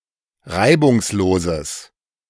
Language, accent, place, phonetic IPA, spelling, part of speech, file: German, Germany, Berlin, [ˈʁaɪ̯bʊŋsˌloːzəs], reibungsloses, adjective, De-reibungsloses.ogg
- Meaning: strong/mixed nominative/accusative neuter singular of reibungslos